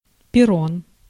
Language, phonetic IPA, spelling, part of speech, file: Russian, [pʲɪˈron], перрон, noun, Ru-перрон.ogg
- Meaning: platform